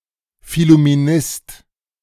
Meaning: phillumenist
- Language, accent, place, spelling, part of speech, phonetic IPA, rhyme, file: German, Germany, Berlin, Phillumenist, noun, [fɪlumeˈnɪst], -ɪst, De-Phillumenist.ogg